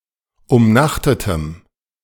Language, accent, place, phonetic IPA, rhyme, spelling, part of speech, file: German, Germany, Berlin, [ʊmˈnaxtətəm], -axtətəm, umnachtetem, adjective, De-umnachtetem.ogg
- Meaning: strong dative masculine/neuter singular of umnachtet